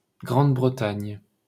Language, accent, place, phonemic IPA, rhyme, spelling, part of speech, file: French, France, Paris, /ɡʁɑ̃d.bʁə.taɲ/, -aɲ, Grande-Bretagne, proper noun, LL-Q150 (fra)-Grande-Bretagne.wav
- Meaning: Great Britain (a large island (sometimes also including some of the surrounding smaller islands) off the north-west coast of Western Europe, made up of England, Scotland, and Wales)